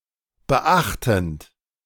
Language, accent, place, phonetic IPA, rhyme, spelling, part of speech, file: German, Germany, Berlin, [bəˈʔaxtn̩t], -axtn̩t, beachtend, verb, De-beachtend.ogg
- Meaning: present participle of beachten